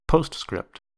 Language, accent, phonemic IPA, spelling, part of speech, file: English, US, /ˈpoʊst.skɹɪpt/, postscript, noun / verb, En-us-postscript.ogg
- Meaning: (noun) 1. An addendum to a letter, added after the author's signature 2. An addition to a story, play, etc. after its completion